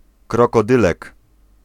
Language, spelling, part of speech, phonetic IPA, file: Polish, krokodylek, noun, [ˌkrɔkɔˈdɨlɛk], Pl-krokodylek.ogg